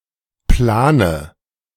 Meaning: inflection of planen: 1. first-person singular present 2. first/third-person singular subjunctive I 3. singular imperative
- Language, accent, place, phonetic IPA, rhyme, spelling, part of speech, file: German, Germany, Berlin, [ˈplaːnə], -aːnə, plane, adjective / verb, De-plane.ogg